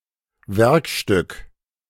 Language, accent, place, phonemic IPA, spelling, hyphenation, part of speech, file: German, Germany, Berlin, /ˈvɛʁkˌʃtʏk/, Werkstück, Werk‧stück, noun, De-Werkstück.ogg
- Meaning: workpiece